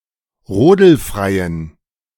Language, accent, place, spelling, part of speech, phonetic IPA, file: German, Germany, Berlin, rodelfreien, adjective, [ˈʁoːdl̩ˌfʁaɪ̯ən], De-rodelfreien.ogg
- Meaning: inflection of rodelfrei: 1. strong genitive masculine/neuter singular 2. weak/mixed genitive/dative all-gender singular 3. strong/weak/mixed accusative masculine singular 4. strong dative plural